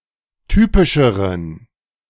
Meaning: inflection of typisch: 1. strong genitive masculine/neuter singular comparative degree 2. weak/mixed genitive/dative all-gender singular comparative degree
- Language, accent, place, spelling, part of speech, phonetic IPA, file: German, Germany, Berlin, typischeren, adjective, [ˈtyːpɪʃəʁən], De-typischeren.ogg